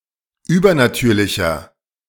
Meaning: 1. comparative degree of übernatürlich 2. inflection of übernatürlich: strong/mixed nominative masculine singular 3. inflection of übernatürlich: strong genitive/dative feminine singular
- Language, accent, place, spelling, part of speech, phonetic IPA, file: German, Germany, Berlin, übernatürlicher, adjective, [ˈyːbɐnaˌtyːɐ̯lɪçɐ], De-übernatürlicher.ogg